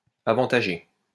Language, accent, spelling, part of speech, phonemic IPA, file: French, France, avantager, verb, /a.vɑ̃.ta.ʒe/, LL-Q150 (fra)-avantager.wav
- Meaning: 1. to favour 2. to give an advantage to